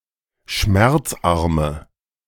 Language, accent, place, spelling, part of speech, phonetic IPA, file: German, Germany, Berlin, schmerzarme, adjective, [ˈʃmɛʁt͡sˌʔaʁmə], De-schmerzarme.ogg
- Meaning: inflection of schmerzarm: 1. strong/mixed nominative/accusative feminine singular 2. strong nominative/accusative plural 3. weak nominative all-gender singular